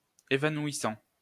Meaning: present participle of évanouir
- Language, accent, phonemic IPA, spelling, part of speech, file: French, France, /e.va.nwi.sɑ̃/, évanouissant, verb, LL-Q150 (fra)-évanouissant.wav